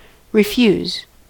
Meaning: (verb) 1. To decline (a request or demand) 2. To decline a request or demand, forbear; to withhold permission
- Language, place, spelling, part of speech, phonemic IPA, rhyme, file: English, California, refuse, verb / noun, /ɹɪˈfjuz/, -uːz, En-us-refuse.ogg